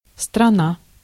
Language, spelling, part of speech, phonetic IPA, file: Russian, страна, noun, [strɐˈna], Ru-страна.ogg
- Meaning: 1. country 2. region